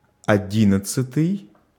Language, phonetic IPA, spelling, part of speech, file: Russian, [ɐˈdʲinət͡s(ː)ɨtɨj], одиннадцатый, adjective, Ru-одиннадцатый.ogg
- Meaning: eleventh